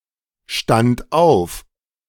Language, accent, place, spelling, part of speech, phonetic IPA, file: German, Germany, Berlin, stand auf, verb, [ˌʃtant ˈaʊ̯f], De-stand auf.ogg
- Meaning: first/third-person singular preterite of aufstehen